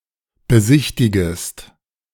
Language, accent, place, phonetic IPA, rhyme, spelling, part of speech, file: German, Germany, Berlin, [bəˈzɪçtɪɡəst], -ɪçtɪɡəst, besichtigest, verb, De-besichtigest.ogg
- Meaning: second-person singular subjunctive I of besichtigen